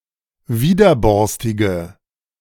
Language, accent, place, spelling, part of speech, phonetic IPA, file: German, Germany, Berlin, widerborstige, adjective, [ˈviːdɐˌbɔʁstɪɡə], De-widerborstige.ogg
- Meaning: inflection of widerborstig: 1. strong/mixed nominative/accusative feminine singular 2. strong nominative/accusative plural 3. weak nominative all-gender singular